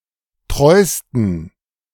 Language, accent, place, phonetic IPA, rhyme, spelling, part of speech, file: German, Germany, Berlin, [ˈtʁɔɪ̯stn̩], -ɔɪ̯stn̩, treusten, adjective, De-treusten.ogg
- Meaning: 1. superlative degree of treu 2. inflection of treu: strong genitive masculine/neuter singular superlative degree